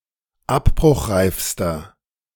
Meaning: inflection of abbruchreif: 1. strong/mixed nominative masculine singular superlative degree 2. strong genitive/dative feminine singular superlative degree 3. strong genitive plural superlative degree
- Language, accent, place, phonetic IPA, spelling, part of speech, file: German, Germany, Berlin, [ˈapbʁʊxˌʁaɪ̯fstɐ], abbruchreifster, adjective, De-abbruchreifster.ogg